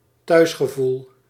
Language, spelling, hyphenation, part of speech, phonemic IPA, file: Dutch, thuisgevoel, thuis‧ge‧voel, noun, /ˈtœy̯s.xəˌvul/, Nl-thuisgevoel.ogg
- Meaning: sense of being home